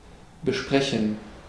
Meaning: to discuss (to converse or debate concerning a particular topic)
- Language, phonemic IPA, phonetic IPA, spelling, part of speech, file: German, /bəˈʃpʁɛçən/, [bəˌʃpʁɛçn̩], besprechen, verb, De-besprechen.ogg